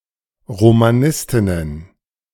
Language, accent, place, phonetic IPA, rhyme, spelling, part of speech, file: German, Germany, Berlin, [ʁomaˈnɪstɪnən], -ɪstɪnən, Romanistinnen, noun, De-Romanistinnen.ogg
- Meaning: plural of Romanistin